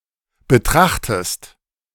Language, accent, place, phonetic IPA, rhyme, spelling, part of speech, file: German, Germany, Berlin, [bəˈtʁaxtəst], -axtəst, betrachtest, verb, De-betrachtest.ogg
- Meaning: inflection of betrachten: 1. second-person singular present 2. second-person singular subjunctive I